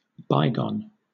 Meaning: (adjective) Having been or happened in the distant past; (noun) 1. An event that happened in the past 2. An object from the past; a relic, antique, etc
- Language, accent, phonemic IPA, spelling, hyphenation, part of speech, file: English, Southern England, /ˈbaɪɡɒn/, bygone, by‧gone, adjective / noun, LL-Q1860 (eng)-bygone.wav